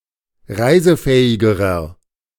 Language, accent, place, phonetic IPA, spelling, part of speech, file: German, Germany, Berlin, [ˈʁaɪ̯zəˌfɛːɪɡəʁɐ], reisefähigerer, adjective, De-reisefähigerer.ogg
- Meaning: inflection of reisefähig: 1. strong/mixed nominative masculine singular comparative degree 2. strong genitive/dative feminine singular comparative degree 3. strong genitive plural comparative degree